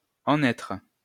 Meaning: 1. Used other than figuratively or idiomatically: see en, être 2. to have arrived at something; to be somewhere; to be in a certain situation; to stand somewhere 3. to be game, to be in
- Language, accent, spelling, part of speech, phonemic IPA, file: French, France, en être, verb, /ɑ̃.n‿ɛtʁ/, LL-Q150 (fra)-en être.wav